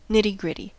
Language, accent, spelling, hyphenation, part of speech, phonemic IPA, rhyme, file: English, General American, nitty-gritty, nit‧ty-grit‧ty, noun / adjective, /ˈnɪtiˈɡɹɪti/, -ɪti, En-us-nitty-gritty.ogg
- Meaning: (noun) The core or essence of something; the gist; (adjective) Dealing with something in great depth